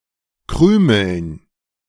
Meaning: dative plural of Krümel
- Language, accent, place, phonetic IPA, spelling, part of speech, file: German, Germany, Berlin, [ˈkʁyːml̩n], Krümeln, noun, De-Krümeln.ogg